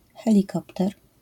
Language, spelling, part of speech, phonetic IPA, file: Polish, helikopter, noun, [ˌxɛlʲiˈkɔptɛr], LL-Q809 (pol)-helikopter.wav